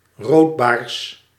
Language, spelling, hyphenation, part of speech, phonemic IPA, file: Dutch, roodbaars, rood‧baars, noun, /ˈroːt.baːrs/, Nl-roodbaars.ogg
- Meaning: a rockfish, fish of the family Sebastidae, in particular of the genus Sebastes